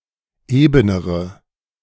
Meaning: inflection of eben: 1. strong/mixed nominative/accusative feminine singular comparative degree 2. strong nominative/accusative plural comparative degree
- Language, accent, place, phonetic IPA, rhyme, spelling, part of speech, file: German, Germany, Berlin, [ˈeːbənəʁə], -eːbənəʁə, ebenere, adjective, De-ebenere.ogg